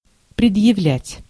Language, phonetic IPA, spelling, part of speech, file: Russian, [prʲɪdjɪˈvlʲætʲ], предъявлять, verb, Ru-предъявлять.ogg
- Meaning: 1. to present, to produce, to show 2. to make (a demand, request), to assert (rights) 3. to bring (a lawsuit), to press, to prefer (an accusation, charge)